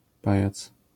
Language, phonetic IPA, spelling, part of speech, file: Polish, [ˈpajat͡s], pajac, noun, LL-Q809 (pol)-pajac.wav